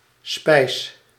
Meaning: 1. foodstuff in general 2. almond paste; (by extension) almond paste surrogate
- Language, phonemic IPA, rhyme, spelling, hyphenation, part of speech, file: Dutch, /spɛi̯s/, -ɛi̯s, spijs, spijs, noun, Nl-spijs.ogg